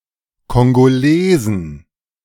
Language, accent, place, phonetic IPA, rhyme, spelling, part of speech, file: German, Germany, Berlin, [kɔŋɡoˈleːzn̩], -eːzn̩, Kongolesen, noun, De-Kongolesen.ogg
- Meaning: plural of Kongolese